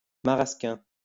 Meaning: maraschino liqueur
- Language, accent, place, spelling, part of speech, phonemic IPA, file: French, France, Lyon, marasquin, noun, /ma.ʁas.kɛ̃/, LL-Q150 (fra)-marasquin.wav